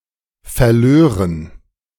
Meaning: first/third-person plural subjunctive II of verlieren
- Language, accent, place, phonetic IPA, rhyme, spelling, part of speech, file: German, Germany, Berlin, [fɛɐ̯ˈløːʁən], -øːʁən, verlören, verb, De-verlören.ogg